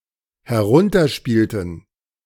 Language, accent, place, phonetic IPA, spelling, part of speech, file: German, Germany, Berlin, [hɛˈʁʊntɐˌʃpiːltn̩], herunterspielten, verb, De-herunterspielten.ogg
- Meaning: inflection of herunterspielen: 1. first/third-person plural dependent preterite 2. first/third-person plural dependent subjunctive II